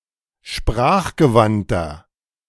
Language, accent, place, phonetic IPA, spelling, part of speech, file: German, Germany, Berlin, [ˈʃpʁaːxɡəˌvantɐ], sprachgewandter, adjective, De-sprachgewandter.ogg
- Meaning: 1. comparative degree of sprachgewandt 2. inflection of sprachgewandt: strong/mixed nominative masculine singular 3. inflection of sprachgewandt: strong genitive/dative feminine singular